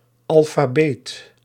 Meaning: a literate
- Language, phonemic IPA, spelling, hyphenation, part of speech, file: Dutch, /ˌɑl.faːˈbeːt/, alfabeet, al‧fa‧beet, noun, Nl-alfabeet.ogg